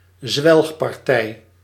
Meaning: bacchanal, festivity with high consumption of alcohol
- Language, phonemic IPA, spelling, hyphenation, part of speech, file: Dutch, /ˈzʋɛlx.pɑrˌtɛi̯/, zwelgpartij, zwelg‧par‧tij, noun, Nl-zwelgpartij.ogg